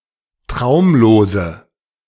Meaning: inflection of traumlos: 1. strong/mixed nominative/accusative feminine singular 2. strong nominative/accusative plural 3. weak nominative all-gender singular
- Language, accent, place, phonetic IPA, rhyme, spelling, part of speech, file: German, Germany, Berlin, [ˈtʁaʊ̯mloːzə], -aʊ̯mloːzə, traumlose, adjective, De-traumlose.ogg